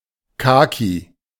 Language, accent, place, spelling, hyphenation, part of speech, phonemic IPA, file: German, Germany, Berlin, kaki, ka‧ki, adjective, /ˈkaːki/, De-kaki.ogg
- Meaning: khaki (color)